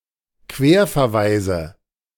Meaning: nominative/accusative/genitive plural of Querverweis
- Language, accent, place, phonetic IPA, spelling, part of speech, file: German, Germany, Berlin, [ˈkveːɐ̯fɛɐ̯ˌvaɪ̯zə], Querverweise, noun, De-Querverweise.ogg